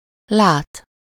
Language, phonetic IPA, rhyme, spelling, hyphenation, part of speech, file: Hungarian, [ˈlaːt], -aːt, lát, lát, verb, Hu-lát.ogg
- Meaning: 1. to see (to perceive with the eyes) 2. to set about, embark on, set upon (to start doing or to devote oneself to some task; something: -hoz/-hez/-höz) 3. seeing